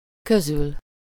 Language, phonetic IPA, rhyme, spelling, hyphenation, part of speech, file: Hungarian, [ˈkøzyl], -yl, közül, kö‧zül, postposition, Hu-közül.ogg
- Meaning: 1. from among, out of 2. from between